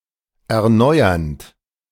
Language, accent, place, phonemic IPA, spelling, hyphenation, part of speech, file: German, Germany, Berlin, /ɛɐ̯ˈnɔɪ̯ɐnt/, erneuernd, er‧neu‧ernd, verb / adjective, De-erneuernd.ogg
- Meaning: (verb) present participle of erneuern; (adjective) renewing, restoring, renewable, regenerative